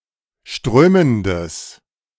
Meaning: strong/mixed nominative/accusative neuter singular of strömend
- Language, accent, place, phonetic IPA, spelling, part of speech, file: German, Germany, Berlin, [ˈʃtʁøːməndəs], strömendes, adjective, De-strömendes.ogg